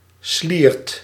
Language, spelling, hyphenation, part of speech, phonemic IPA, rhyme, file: Dutch, sliert, sliert, noun, /sliːrt/, -iːrt, Nl-sliert.ogg
- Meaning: 1. wisp, ribbon, string, tendril, strand (long, narrow, flaccid object) 2. line (e.g. of people), row, chain